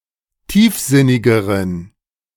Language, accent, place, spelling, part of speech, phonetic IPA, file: German, Germany, Berlin, tiefsinnigeren, adjective, [ˈtiːfˌzɪnɪɡəʁən], De-tiefsinnigeren.ogg
- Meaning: inflection of tiefsinnig: 1. strong genitive masculine/neuter singular comparative degree 2. weak/mixed genitive/dative all-gender singular comparative degree